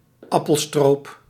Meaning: a syrup made from apples, similar to apple butter
- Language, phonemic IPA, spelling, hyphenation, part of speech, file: Dutch, /ˈɑ.pəlˌstroːp/, appelstroop, ap‧pel‧stroop, noun, Nl-appelstroop.ogg